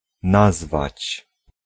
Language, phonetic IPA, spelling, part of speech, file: Polish, [ˈnazvat͡ɕ], nazwać, verb, Pl-nazwać.ogg